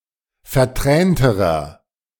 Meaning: inflection of vertränt: 1. strong/mixed nominative masculine singular comparative degree 2. strong genitive/dative feminine singular comparative degree 3. strong genitive plural comparative degree
- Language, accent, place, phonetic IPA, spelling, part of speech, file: German, Germany, Berlin, [fɛɐ̯ˈtʁɛːntəʁɐ], vertränterer, adjective, De-vertränterer.ogg